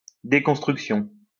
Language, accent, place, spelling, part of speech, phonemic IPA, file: French, France, Lyon, déconstruction, noun, /de.kɔ̃s.tʁyk.sjɔ̃/, LL-Q150 (fra)-déconstruction.wav
- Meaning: deconstruction